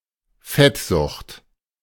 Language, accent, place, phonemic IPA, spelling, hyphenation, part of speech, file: German, Germany, Berlin, /ˈfɛtˌzʊxt/, Fettsucht, Fett‧sucht, noun, De-Fettsucht.ogg
- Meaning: obesity, adiposity